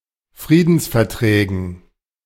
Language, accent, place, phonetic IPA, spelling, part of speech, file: German, Germany, Berlin, [ˈfʁiːdn̩sfɛɐ̯ˌtʁɛːɡn̩], Friedensverträgen, noun, De-Friedensverträgen.ogg
- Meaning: dative plural of Friedensvertrag